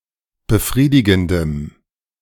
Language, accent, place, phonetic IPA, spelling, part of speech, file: German, Germany, Berlin, [bəˈfʁiːdɪɡn̩dəm], befriedigendem, adjective, De-befriedigendem.ogg
- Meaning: strong dative masculine/neuter singular of befriedigend